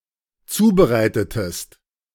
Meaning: inflection of zubereiten: 1. second-person singular dependent preterite 2. second-person singular dependent subjunctive II
- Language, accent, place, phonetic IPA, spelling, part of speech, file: German, Germany, Berlin, [ˈt͡suːbəˌʁaɪ̯tətəst], zubereitetest, verb, De-zubereitetest.ogg